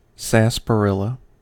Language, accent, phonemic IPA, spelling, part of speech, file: English, US, /ˌsæspəˈɹɪlə/, sarsaparilla, noun, En-us-sarsaparilla.ogg
- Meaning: Any of various tropical (Central and South) American vines of the genus Smilax, such as Smilax aspera, which have fragrant roots